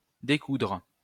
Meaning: 1. to unsew, unstitch (remove the stitches from something that is sewn) 2. to do battle
- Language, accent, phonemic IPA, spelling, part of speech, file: French, France, /de.kudʁ/, découdre, verb, LL-Q150 (fra)-découdre.wav